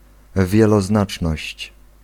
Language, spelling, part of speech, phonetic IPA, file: Polish, wieloznaczność, noun, [ˌvʲjɛlɔˈznat͡ʃnɔɕt͡ɕ], Pl-wieloznaczność.ogg